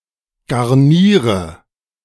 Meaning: inflection of garnieren: 1. first-person singular present 2. singular imperative 3. first/third-person singular subjunctive I
- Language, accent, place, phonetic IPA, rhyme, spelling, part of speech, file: German, Germany, Berlin, [ɡaʁˈniːʁə], -iːʁə, garniere, verb, De-garniere.ogg